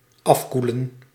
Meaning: to cool off, cool down
- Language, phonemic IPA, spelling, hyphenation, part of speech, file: Dutch, /ˈɑfkulə(n)/, afkoelen, af‧koe‧len, verb, Nl-afkoelen.ogg